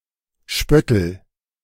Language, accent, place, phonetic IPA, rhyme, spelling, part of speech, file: German, Germany, Berlin, [ˈʃpœtl̩], -œtl̩, spöttel, verb, De-spöttel.ogg
- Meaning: inflection of spötteln: 1. first-person singular present 2. singular imperative